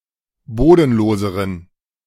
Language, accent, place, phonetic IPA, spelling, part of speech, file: German, Germany, Berlin, [ˈboːdn̩ˌloːzəʁən], bodenloseren, adjective, De-bodenloseren.ogg
- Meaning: inflection of bodenlos: 1. strong genitive masculine/neuter singular comparative degree 2. weak/mixed genitive/dative all-gender singular comparative degree